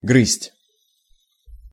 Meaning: 1. to gnaw 2. to nibble 3. to crack (nuts) 4. to bite (fingernails) 5. to nag at
- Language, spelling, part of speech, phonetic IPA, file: Russian, грызть, verb, [ɡrɨsʲtʲ], Ru-грызть.ogg